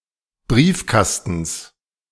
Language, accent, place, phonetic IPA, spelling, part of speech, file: German, Germany, Berlin, [ˈbʁiːfˌkastn̩s], Briefkastens, noun, De-Briefkastens.ogg
- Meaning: genitive singular of Briefkasten